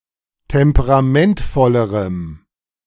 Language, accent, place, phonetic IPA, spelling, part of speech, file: German, Germany, Berlin, [ˌtɛmpəʁaˈmɛntfɔləʁəm], temperamentvollerem, adjective, De-temperamentvollerem.ogg
- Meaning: strong dative masculine/neuter singular comparative degree of temperamentvoll